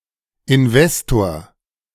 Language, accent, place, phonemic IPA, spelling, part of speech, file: German, Germany, Berlin, /ɪnˈvɛstoɐ/, Investor, noun, De-Investor.ogg
- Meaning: investor